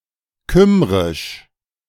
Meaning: Welsh
- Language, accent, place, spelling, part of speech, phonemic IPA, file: German, Germany, Berlin, kymrisch, adjective, /ˈkʏmʁɪʃ/, De-kymrisch.ogg